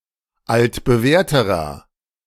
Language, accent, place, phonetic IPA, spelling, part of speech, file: German, Germany, Berlin, [ˌaltbəˈvɛːɐ̯təʁɐ], altbewährterer, adjective, De-altbewährterer.ogg
- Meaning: inflection of altbewährt: 1. strong/mixed nominative masculine singular comparative degree 2. strong genitive/dative feminine singular comparative degree 3. strong genitive plural comparative degree